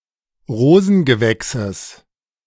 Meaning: genitive singular of Rosengewächs
- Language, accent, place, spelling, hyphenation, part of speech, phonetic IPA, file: German, Germany, Berlin, Rosengewächses, Ro‧sen‧ge‧wäch‧ses, noun, [ˈʁoːzn̩ɡəˌvɛksəs], De-Rosengewächses.ogg